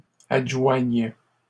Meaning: first/third-person singular present subjunctive of adjoindre
- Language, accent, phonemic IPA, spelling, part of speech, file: French, Canada, /ad.ʒwaɲ/, adjoigne, verb, LL-Q150 (fra)-adjoigne.wav